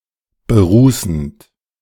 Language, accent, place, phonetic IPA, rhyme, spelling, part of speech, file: German, Germany, Berlin, [bəˈʁuːsn̩t], -uːsn̩t, berußend, verb, De-berußend.ogg
- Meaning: present participle of berußen